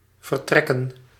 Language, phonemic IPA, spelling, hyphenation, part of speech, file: Dutch, /vərˈtrɛ.kə(n)/, vertrekken, ver‧trek‧ken, verb / noun, Nl-vertrekken.ogg
- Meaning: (verb) to depart, to leave; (noun) plural of vertrek